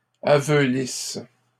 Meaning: inflection of aveulir: 1. first/third-person singular present subjunctive 2. first-person singular imperfect subjunctive
- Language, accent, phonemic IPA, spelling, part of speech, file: French, Canada, /a.vø.lis/, aveulisse, verb, LL-Q150 (fra)-aveulisse.wav